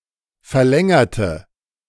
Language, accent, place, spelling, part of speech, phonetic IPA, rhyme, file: German, Germany, Berlin, verlängerte, adjective / verb, [fɛɐ̯ˈlɛŋɐtə], -ɛŋɐtə, De-verlängerte.ogg
- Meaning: inflection of verlängern: 1. first/third-person singular preterite 2. first/third-person singular subjunctive II